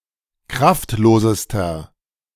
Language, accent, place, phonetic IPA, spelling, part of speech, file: German, Germany, Berlin, [ˈkʁaftˌloːzəstɐ], kraftlosester, adjective, De-kraftlosester.ogg
- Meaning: inflection of kraftlos: 1. strong/mixed nominative masculine singular superlative degree 2. strong genitive/dative feminine singular superlative degree 3. strong genitive plural superlative degree